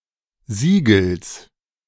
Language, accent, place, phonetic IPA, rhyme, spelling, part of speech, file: German, Germany, Berlin, [ˈziːɡl̩s], -iːɡl̩s, Sigels, noun, De-Sigels.ogg
- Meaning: genitive singular of Sigel